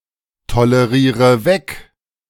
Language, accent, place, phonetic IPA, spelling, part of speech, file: German, Germany, Berlin, [toləˌʁiːʁə ˈvɛk], toleriere weg, verb, De-toleriere weg.ogg
- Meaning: inflection of wegtolerieren: 1. first-person singular present 2. first/third-person singular subjunctive I 3. singular imperative